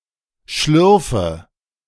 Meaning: inflection of schlürfen: 1. first-person singular present 2. first/third-person singular subjunctive I 3. singular imperative
- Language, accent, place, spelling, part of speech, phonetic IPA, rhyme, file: German, Germany, Berlin, schlürfe, verb, [ˈʃlʏʁfə], -ʏʁfə, De-schlürfe.ogg